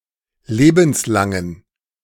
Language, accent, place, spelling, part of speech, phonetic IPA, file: German, Germany, Berlin, lebenslangen, adjective, [ˈleːbn̩sˌlaŋən], De-lebenslangen.ogg
- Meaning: inflection of lebenslang: 1. strong genitive masculine/neuter singular 2. weak/mixed genitive/dative all-gender singular 3. strong/weak/mixed accusative masculine singular 4. strong dative plural